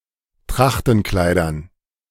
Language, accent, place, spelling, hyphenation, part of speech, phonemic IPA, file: German, Germany, Berlin, Trachtenkleidern, Trach‧ten‧klei‧dern, noun, /ˈtʁaxtn̩ˌklaɪ̯dɐn/, De-Trachtenkleidern.ogg
- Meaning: dative plural of Trachtenkleid